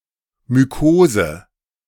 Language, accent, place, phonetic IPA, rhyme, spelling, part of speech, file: German, Germany, Berlin, [myˈkoːzə], -oːzə, Mykose, noun, De-Mykose.ogg
- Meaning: mycosis